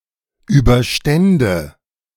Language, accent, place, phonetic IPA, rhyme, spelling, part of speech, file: German, Germany, Berlin, [ˌyːbɐˈʃtɛndə], -ɛndə, überstände, verb, De-überstände.ogg
- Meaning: first/third-person singular subjunctive II of überstehen